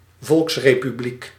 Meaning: people's republic
- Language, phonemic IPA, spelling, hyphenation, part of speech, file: Dutch, /ˈvɔlks.reː.pyˌblik/, volksrepubliek, volks‧re‧pu‧bliek, noun, Nl-volksrepubliek.ogg